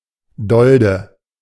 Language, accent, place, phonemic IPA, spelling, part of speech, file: German, Germany, Berlin, /ˈdɔldə/, Dolde, noun, De-Dolde.ogg
- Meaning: corymb, umbel (cluster of flowers)